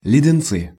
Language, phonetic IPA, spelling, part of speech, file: Russian, [lʲɪdʲɪnˈt͡sɨ], леденцы, noun, Ru-леденцы.ogg
- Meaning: nominative/accusative plural of ледене́ц (ledenéc)